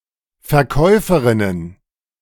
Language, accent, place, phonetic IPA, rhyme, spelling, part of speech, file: German, Germany, Berlin, [fɛɐ̯ˈkɔɪ̯fəˌʁɪnən], -ɔɪ̯fəʁɪnən, Verkäuferinnen, noun, De-Verkäuferinnen.ogg
- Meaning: plural of Verkäuferin